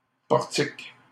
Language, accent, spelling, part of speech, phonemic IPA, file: French, Canada, portique, noun, /pɔʁ.tik/, LL-Q150 (fra)-portique.wav
- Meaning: 1. portico 2. gantry 3. a type of crane 4. frame (of a swing, jungle gym etc.) 5. metal detector (at airport etc.)